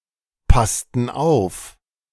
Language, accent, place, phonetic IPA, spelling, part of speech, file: German, Germany, Berlin, [ˌpastn̩ ˈaʊ̯f], passten auf, verb, De-passten auf.ogg
- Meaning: inflection of aufpassen: 1. first/third-person plural preterite 2. first/third-person plural subjunctive II